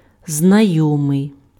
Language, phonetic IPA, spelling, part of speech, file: Ukrainian, [znɐˈjɔmei̯], знайомий, adjective, Uk-знайомий.ogg
- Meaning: familiar, acquainted